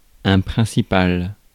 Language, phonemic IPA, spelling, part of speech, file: French, /pʁɛ̃.si.pal/, principal, adjective / noun, Fr-principal.ogg
- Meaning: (adjective) main, key, principal; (noun) 1. someone or something which is important, key, paramount; that which matters most 2. principal (school administrator)